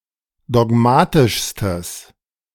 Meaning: strong/mixed nominative/accusative neuter singular superlative degree of dogmatisch
- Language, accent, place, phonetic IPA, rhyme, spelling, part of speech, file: German, Germany, Berlin, [dɔˈɡmaːtɪʃstəs], -aːtɪʃstəs, dogmatischstes, adjective, De-dogmatischstes.ogg